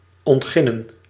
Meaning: 1. to develop into agricultural land 2. to remove the topsoil from 3. to excavate, to extract from the earth 4. to begin, to commence
- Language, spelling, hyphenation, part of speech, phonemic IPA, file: Dutch, ontginnen, ont‧gin‧nen, verb, /ˌɔntˈxɪ.nə(n)/, Nl-ontginnen.ogg